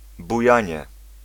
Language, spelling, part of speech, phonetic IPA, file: Polish, bujanie, noun, [buˈjä̃ɲɛ], Pl-bujanie.ogg